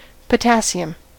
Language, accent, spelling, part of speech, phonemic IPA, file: English, US, potassium, noun, /pəˈtæsiəm/, En-us-potassium.ogg
- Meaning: 1. A soft, waxy, silvery reactive metal that is never found unbound in nature; an element with atomic number 19 and atomic weight of 39.0983 2. An atom of this element